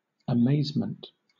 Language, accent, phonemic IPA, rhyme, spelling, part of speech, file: English, Southern England, /əˈmeɪz.mənt/, -eɪzmənt, amazement, noun, LL-Q1860 (eng)-amazement.wav